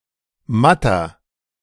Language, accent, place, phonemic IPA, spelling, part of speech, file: German, Germany, Berlin, /ˈmatɐ/, matter, adjective, De-matter.ogg
- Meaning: 1. comparative degree of matt 2. inflection of matt: strong/mixed nominative masculine singular 3. inflection of matt: strong genitive/dative feminine singular